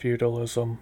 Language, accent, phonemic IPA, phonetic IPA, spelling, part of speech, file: English, US, /ˈfju.də.lɪ.zəm/, [ˈfju.də.lɪ.zm̩], feudalism, noun, En-us-feudalism.oga